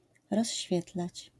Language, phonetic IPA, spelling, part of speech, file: Polish, [rɔɕˈːfʲjɛtlat͡ɕ], rozświetlać, verb, LL-Q809 (pol)-rozświetlać.wav